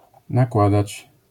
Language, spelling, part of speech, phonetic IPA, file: Polish, nakładać, verb, [naˈkwadat͡ɕ], LL-Q809 (pol)-nakładać.wav